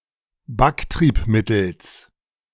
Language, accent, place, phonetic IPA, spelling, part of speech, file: German, Germany, Berlin, [ˈbakˌtʁiːpmɪtl̩s], Backtriebmittels, noun, De-Backtriebmittels.ogg
- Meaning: genitive singular of Backtriebmittel